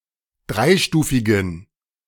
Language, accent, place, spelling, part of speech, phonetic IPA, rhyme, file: German, Germany, Berlin, dreistufigen, adjective, [ˈdʁaɪ̯ˌʃtuːfɪɡn̩], -aɪ̯ʃtuːfɪɡn̩, De-dreistufigen.ogg
- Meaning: inflection of dreistufig: 1. strong genitive masculine/neuter singular 2. weak/mixed genitive/dative all-gender singular 3. strong/weak/mixed accusative masculine singular 4. strong dative plural